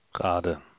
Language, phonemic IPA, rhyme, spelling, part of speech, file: German, /ˈʁaːdə/, -aːdə, Rade, proper noun / noun, De-Rade.ogg
- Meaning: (proper noun) a municipality of Schleswig-Holstein, Germany; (noun) dative singular of Rad